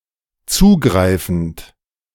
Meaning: present participle of zugreifen
- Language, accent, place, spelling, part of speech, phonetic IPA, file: German, Germany, Berlin, zugreifend, verb, [ˈt͡suːˌɡʁaɪ̯fn̩t], De-zugreifend.ogg